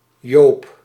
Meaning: a male given name from Dutch, corresponding to Jakob and Johannes, also to Jozef in the South
- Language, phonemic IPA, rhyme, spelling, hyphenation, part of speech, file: Dutch, /joːp/, -oːp, Joop, Joop, proper noun, Nl-Joop.ogg